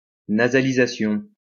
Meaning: nasalization
- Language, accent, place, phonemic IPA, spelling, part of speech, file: French, France, Lyon, /na.za.li.za.sjɔ̃/, nasalisation, noun, LL-Q150 (fra)-nasalisation.wav